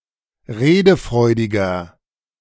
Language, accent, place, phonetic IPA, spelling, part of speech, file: German, Germany, Berlin, [ˈʁeːdəˌfʁɔɪ̯dɪɡɐ], redefreudiger, adjective, De-redefreudiger.ogg
- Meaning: 1. comparative degree of redefreudig 2. inflection of redefreudig: strong/mixed nominative masculine singular 3. inflection of redefreudig: strong genitive/dative feminine singular